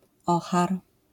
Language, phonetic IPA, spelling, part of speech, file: Polish, [ˈɔxar], ohar, noun, LL-Q809 (pol)-ohar.wav